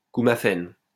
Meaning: warfarin
- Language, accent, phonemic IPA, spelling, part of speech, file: French, France, /ku.ma.fɛn/, coumaphène, noun, LL-Q150 (fra)-coumaphène.wav